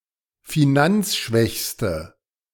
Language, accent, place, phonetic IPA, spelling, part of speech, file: German, Germany, Berlin, [fiˈnant͡sˌʃvɛçstə], finanzschwächste, adjective, De-finanzschwächste.ogg
- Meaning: inflection of finanzschwach: 1. strong/mixed nominative/accusative feminine singular superlative degree 2. strong nominative/accusative plural superlative degree